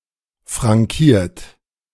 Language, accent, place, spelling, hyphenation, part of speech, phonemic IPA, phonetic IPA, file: German, Germany, Berlin, frankiert, fran‧kiert, verb, /ˌfʁaŋˈkiːʁt/, [fʁaŋˈkiːɐ̯t], De-frankiert.ogg
- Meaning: 1. past participle of frankieren 2. inflection of frankieren: third-person singular present 3. inflection of frankieren: second-person plural present 4. inflection of frankieren: plural imperative